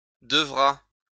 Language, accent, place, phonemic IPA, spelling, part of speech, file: French, France, Lyon, /də.vʁa/, devra, verb, LL-Q150 (fra)-devra.wav
- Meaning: third-person singular future of devoir